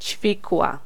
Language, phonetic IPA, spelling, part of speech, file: Polish, [ˈt͡ɕfʲikwa], ćwikła, noun, Pl-ćwikła.ogg